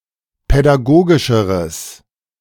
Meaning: strong/mixed nominative/accusative neuter singular comparative degree of pädagogisch
- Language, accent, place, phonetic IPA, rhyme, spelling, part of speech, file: German, Germany, Berlin, [pɛdaˈɡoːɡɪʃəʁəs], -oːɡɪʃəʁəs, pädagogischeres, adjective, De-pädagogischeres.ogg